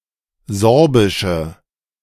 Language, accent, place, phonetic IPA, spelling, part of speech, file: German, Germany, Berlin, [ˈzɔʁbɪʃə], Sorbische, noun, De-Sorbische.ogg
- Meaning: inflection of Sorbisch: 1. strong/mixed nominative/accusative feminine singular 2. strong nominative/accusative plural 3. weak nominative all-gender singular